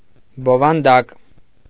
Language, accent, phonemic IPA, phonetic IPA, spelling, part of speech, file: Armenian, Eastern Armenian, /bovɑnˈdɑk/, [bovɑndɑ́k], բովանդակ, adjective, Hy-բովանդակ.ogg
- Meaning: whole, all, entire